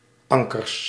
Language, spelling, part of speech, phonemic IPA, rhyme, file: Dutch, ankers, noun, /ˈɑŋ.kərs/, -ɑŋkərs, Nl-ankers.ogg
- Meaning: plural of anker